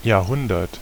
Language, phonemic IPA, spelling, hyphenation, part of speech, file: German, /jaːɐ̯ˈhʊndɐt/, Jahrhundert, Jahr‧hun‧dert, noun, De-Jahrhundert.ogg
- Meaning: a century (period of 100 years)